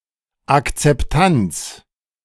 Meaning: acceptance, accepting
- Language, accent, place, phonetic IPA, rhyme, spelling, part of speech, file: German, Germany, Berlin, [akt͡sɛpˈtant͡s], -ant͡s, Akzeptanz, noun, De-Akzeptanz.ogg